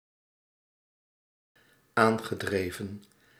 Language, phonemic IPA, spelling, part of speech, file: Dutch, /ˈaŋɣəˌdrevə(n)/, aangedreven, verb, Nl-aangedreven.ogg
- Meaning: past participle of aandrijven